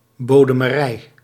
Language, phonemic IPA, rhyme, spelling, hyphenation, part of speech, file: Dutch, /ˌboː.də.məˈrɛi̯/, -ɛi̯, bodemerij, bo‧de‧me‧rij, noun, Nl-bodemerij.ogg
- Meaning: bottomry (loan with a ship or goods as collateral)